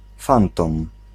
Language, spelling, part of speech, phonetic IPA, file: Polish, fantom, noun, [ˈfãntɔ̃m], Pl-fantom.ogg